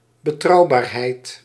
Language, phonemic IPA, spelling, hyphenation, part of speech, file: Dutch, /bəˈtrɑu̯ˌbaːr.ɦɛi̯t/, betrouwbaarheid, be‧trouw‧baar‧heid, noun, Nl-betrouwbaarheid.ogg
- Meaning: reliability, trustworthiness